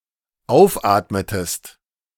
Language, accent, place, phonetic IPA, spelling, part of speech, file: German, Germany, Berlin, [ˈaʊ̯fˌʔaːtmətəst], aufatmetest, verb, De-aufatmetest.ogg
- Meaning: inflection of aufatmen: 1. second-person singular dependent preterite 2. second-person singular dependent subjunctive II